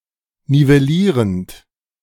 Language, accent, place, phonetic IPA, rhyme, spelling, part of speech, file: German, Germany, Berlin, [nivɛˈliːʁənt], -iːʁənt, nivellierend, verb, De-nivellierend.ogg
- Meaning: present participle of nivellieren